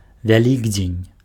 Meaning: Easter
- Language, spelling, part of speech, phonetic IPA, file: Belarusian, Вялікдзень, noun, [vʲaˈlʲiɡd͡zʲenʲ], Be-вялікдзень.ogg